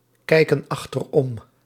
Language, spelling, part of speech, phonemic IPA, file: Dutch, kijken achterom, verb, /ˈkɛikə(n) ɑxtərˈɔm/, Nl-kijken achterom.ogg
- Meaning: inflection of achteromkijken: 1. plural present indicative 2. plural present subjunctive